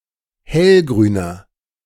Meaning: 1. comparative degree of hellgrün 2. inflection of hellgrün: strong/mixed nominative masculine singular 3. inflection of hellgrün: strong genitive/dative feminine singular
- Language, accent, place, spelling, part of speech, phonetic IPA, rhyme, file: German, Germany, Berlin, hellgrüner, adjective, [ˈhɛlɡʁyːnɐ], -ɛlɡʁyːnɐ, De-hellgrüner.ogg